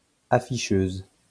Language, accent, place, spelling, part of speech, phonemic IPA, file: French, France, Lyon, afficheuse, noun, /a.fi.ʃøz/, LL-Q150 (fra)-afficheuse.wav
- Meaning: female equivalent of afficheur